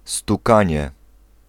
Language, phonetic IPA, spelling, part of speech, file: Polish, [stuˈkãɲɛ], stukanie, noun, Pl-stukanie.ogg